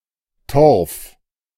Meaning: peat
- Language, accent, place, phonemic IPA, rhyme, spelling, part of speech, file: German, Germany, Berlin, /tɔʁf/, -ɔʁf, Torf, noun, De-Torf.ogg